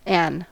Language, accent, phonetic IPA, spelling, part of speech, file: English, US, [n̩], an', conjunction, En-us-an'.ogg
- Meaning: Contraction of and